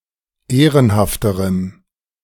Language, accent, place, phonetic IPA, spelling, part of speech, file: German, Germany, Berlin, [ˈeːʁənhaftəʁəm], ehrenhafterem, adjective, De-ehrenhafterem.ogg
- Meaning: strong dative masculine/neuter singular comparative degree of ehrenhaft